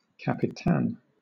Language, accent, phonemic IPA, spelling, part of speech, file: English, Southern England, /kæpɪˈtæn/, capitan, noun, LL-Q1860 (eng)-capitan.wav
- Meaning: Captain (in Spanish-speaking contexts)